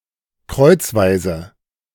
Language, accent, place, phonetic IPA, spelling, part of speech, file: German, Germany, Berlin, [ˈkʁɔɪ̯t͡sˌvaɪ̯zə], kreuzweise, adverb, De-kreuzweise.ogg
- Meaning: crosswise, crossways